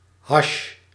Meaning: hashish, hash (dried leaves of the Indian hemp plant)
- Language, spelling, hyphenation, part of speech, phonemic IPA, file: Dutch, hasj, hasj, noun, /ɦɑʃ/, Nl-hasj.ogg